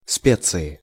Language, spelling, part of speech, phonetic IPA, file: Russian, специи, noun, [ˈspʲet͡sɨɪ], Ru-специи.ogg
- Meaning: inflection of спе́ция (spécija): 1. genitive/dative/prepositional singular 2. nominative/accusative plural